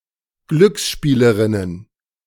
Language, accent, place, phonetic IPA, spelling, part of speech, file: German, Germany, Berlin, [ˈɡlʏksˌʃpiːləʁɪnən], Glücksspielerinnen, noun, De-Glücksspielerinnen.ogg
- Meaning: plural of Glücksspielerin